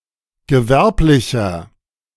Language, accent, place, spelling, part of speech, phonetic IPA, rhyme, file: German, Germany, Berlin, gewerblicher, adjective, [ɡəˈvɛʁplɪçɐ], -ɛʁplɪçɐ, De-gewerblicher.ogg
- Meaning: inflection of gewerblich: 1. strong/mixed nominative masculine singular 2. strong genitive/dative feminine singular 3. strong genitive plural